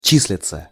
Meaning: 1. to be recorded 2. to be listed 3. to number (an amount) 4. to be regarded as 5. to be attributed to 6. passive of чи́слить (číslitʹ)
- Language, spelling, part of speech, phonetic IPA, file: Russian, числиться, verb, [ˈt͡ɕis⁽ʲ⁾lʲɪt͡sə], Ru-числиться.ogg